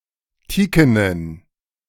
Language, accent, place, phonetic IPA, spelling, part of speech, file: German, Germany, Berlin, [ˈtiːkənən], teakenen, adjective, De-teakenen.ogg
- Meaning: inflection of teaken: 1. strong genitive masculine/neuter singular 2. weak/mixed genitive/dative all-gender singular 3. strong/weak/mixed accusative masculine singular 4. strong dative plural